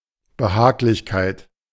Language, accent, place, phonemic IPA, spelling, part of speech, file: German, Germany, Berlin, /bəˈhaːɡlɪçkaɪ̯t/, Behaglichkeit, noun, De-Behaglichkeit.ogg
- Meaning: comfort, the state of being comfortable